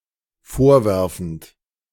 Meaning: present participle of vorwerfen
- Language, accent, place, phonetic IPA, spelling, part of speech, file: German, Germany, Berlin, [ˈfoːɐ̯ˌvɛʁfn̩t], vorwerfend, verb, De-vorwerfend.ogg